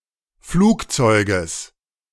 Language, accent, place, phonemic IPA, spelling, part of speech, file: German, Germany, Berlin, /ˈfluːkˌtsɔɪ̯ɡəs/, Flugzeuges, noun, De-Flugzeuges.ogg
- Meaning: genitive singular of Flugzeug